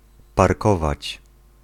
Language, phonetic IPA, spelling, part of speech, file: Polish, [parˈkɔvat͡ɕ], parkować, verb, Pl-parkować.ogg